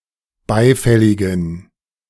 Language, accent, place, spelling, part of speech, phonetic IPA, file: German, Germany, Berlin, beifälligen, adjective, [ˈbaɪ̯ˌfɛlɪɡn̩], De-beifälligen.ogg
- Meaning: inflection of beifällig: 1. strong genitive masculine/neuter singular 2. weak/mixed genitive/dative all-gender singular 3. strong/weak/mixed accusative masculine singular 4. strong dative plural